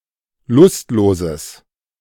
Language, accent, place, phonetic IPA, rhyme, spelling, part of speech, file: German, Germany, Berlin, [ˈlʊstˌloːzəs], -ʊstloːzəs, lustloses, adjective, De-lustloses.ogg
- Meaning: strong/mixed nominative/accusative neuter singular of lustlos